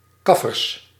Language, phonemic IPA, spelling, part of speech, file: Dutch, /ˈkɑfərs/, kaffers, noun, Nl-kaffers.ogg
- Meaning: plural of kaffer